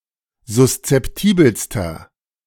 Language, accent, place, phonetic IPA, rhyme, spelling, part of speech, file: German, Germany, Berlin, [zʊst͡sɛpˈtiːbl̩stɐ], -iːbl̩stɐ, suszeptibelster, adjective, De-suszeptibelster.ogg
- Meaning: inflection of suszeptibel: 1. strong/mixed nominative masculine singular superlative degree 2. strong genitive/dative feminine singular superlative degree 3. strong genitive plural superlative degree